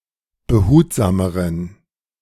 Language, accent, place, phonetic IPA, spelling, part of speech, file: German, Germany, Berlin, [bəˈhuːtzaːməʁən], behutsameren, adjective, De-behutsameren.ogg
- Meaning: inflection of behutsam: 1. strong genitive masculine/neuter singular comparative degree 2. weak/mixed genitive/dative all-gender singular comparative degree